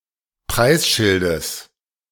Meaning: genitive singular of Preisschild
- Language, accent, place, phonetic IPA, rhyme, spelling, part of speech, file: German, Germany, Berlin, [ˈpʁaɪ̯sˌʃɪldəs], -aɪ̯sʃɪldəs, Preisschildes, noun, De-Preisschildes.ogg